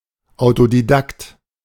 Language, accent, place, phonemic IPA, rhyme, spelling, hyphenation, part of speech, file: German, Germany, Berlin, /aʊ̯todiˈdakt/, -akt, Autodidakt, Au‧to‧di‧dakt, noun, De-Autodidakt.ogg
- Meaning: autodidact (self-taught person)